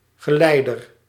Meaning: 1. attendant, escort 2. conductor (of heat or electricity) 3. leader
- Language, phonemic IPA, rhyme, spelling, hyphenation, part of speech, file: Dutch, /ɣəˈlɛi̯.dər/, -ɛi̯dər, geleider, ge‧lei‧der, noun, Nl-geleider.ogg